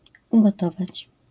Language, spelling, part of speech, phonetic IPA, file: Polish, ugotować, verb, [ˌuɡɔˈtɔvat͡ɕ], LL-Q809 (pol)-ugotować.wav